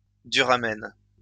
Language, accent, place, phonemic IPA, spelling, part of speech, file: French, France, Lyon, /dy.ʁa.mɛn/, duramen, noun, LL-Q150 (fra)-duramen.wav
- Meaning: heartwood; duramen